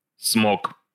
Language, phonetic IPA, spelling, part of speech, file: Russian, [smok], смок, noun, Ru-смок.ogg
- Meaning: dragon (mythical creature)